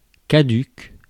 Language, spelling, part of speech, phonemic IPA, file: French, caduc, adjective, /ka.dyk/, Fr-caduc.ogg
- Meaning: 1. deciduous (relating to trees that shed their leaves in winter) 2. obsolete 3. null and void